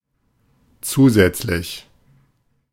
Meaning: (adjective) 1. additional, extra, supplementary 2. ancillary; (adverb) additionally, in addition
- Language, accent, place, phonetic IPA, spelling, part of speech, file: German, Germany, Berlin, [ˈt͡suːˌzɛt͡slɪç], zusätzlich, adjective / adverb, De-zusätzlich.ogg